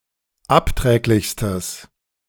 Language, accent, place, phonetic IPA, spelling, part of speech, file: German, Germany, Berlin, [ˈapˌtʁɛːklɪçstəs], abträglichstes, adjective, De-abträglichstes.ogg
- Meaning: strong/mixed nominative/accusative neuter singular superlative degree of abträglich